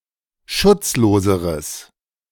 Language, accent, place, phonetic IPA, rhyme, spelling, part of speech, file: German, Germany, Berlin, [ˈʃʊt͡sˌloːzəʁəs], -ʊt͡sloːzəʁəs, schutzloseres, adjective, De-schutzloseres.ogg
- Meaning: strong/mixed nominative/accusative neuter singular comparative degree of schutzlos